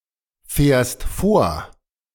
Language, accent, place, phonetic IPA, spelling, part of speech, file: German, Germany, Berlin, [fɛːɐ̯st ˈfoːɐ̯], fährst vor, verb, De-fährst vor.ogg
- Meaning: second-person singular present of vorfahren